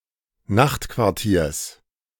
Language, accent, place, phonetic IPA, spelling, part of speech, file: German, Germany, Berlin, [ˈnaxtkvaʁˌtiːɐ̯s], Nachtquartiers, noun, De-Nachtquartiers.ogg
- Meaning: genitive singular of Nachtquartier